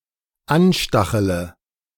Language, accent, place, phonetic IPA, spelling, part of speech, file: German, Germany, Berlin, [ˈanˌʃtaxələ], anstachele, verb, De-anstachele.ogg
- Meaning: inflection of anstacheln: 1. first-person singular dependent present 2. first/third-person singular dependent subjunctive I